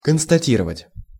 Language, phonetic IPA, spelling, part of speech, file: Russian, [kənstɐˈtʲirəvətʲ], констатировать, verb, Ru-констатировать.ogg
- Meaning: 1. to state 2. to establish (a fact)